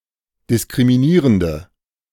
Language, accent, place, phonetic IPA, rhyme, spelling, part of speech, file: German, Germany, Berlin, [dɪskʁimiˈniːʁəndə], -iːʁəndə, diskriminierende, adjective, De-diskriminierende.ogg
- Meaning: inflection of diskriminierend: 1. strong/mixed nominative/accusative feminine singular 2. strong nominative/accusative plural 3. weak nominative all-gender singular